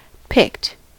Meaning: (verb) simple past and past participle of pick; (adjective) 1. Having a pick, or a particular number/type of pick (in any sense of the word) 2. Chosen; selected 3. Played by picking the strings
- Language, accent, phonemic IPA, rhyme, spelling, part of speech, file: English, US, /pɪkt/, -ɪkt, picked, verb / adjective, En-us-picked.ogg